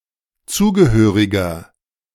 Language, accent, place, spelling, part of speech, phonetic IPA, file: German, Germany, Berlin, zugehöriger, adjective, [ˈt͡suːɡəˌhøːʁɪɡɐ], De-zugehöriger.ogg
- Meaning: inflection of zugehörig: 1. strong/mixed nominative masculine singular 2. strong genitive/dative feminine singular 3. strong genitive plural